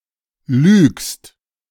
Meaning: second-person singular present of lügen
- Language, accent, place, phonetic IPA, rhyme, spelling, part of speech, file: German, Germany, Berlin, [lyːkst], -yːkst, lügst, verb, De-lügst.ogg